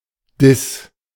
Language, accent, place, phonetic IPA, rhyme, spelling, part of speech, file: German, Germany, Berlin, [dɪs], -ɪs, Dis, noun, De-Dis.ogg
- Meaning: D-sharp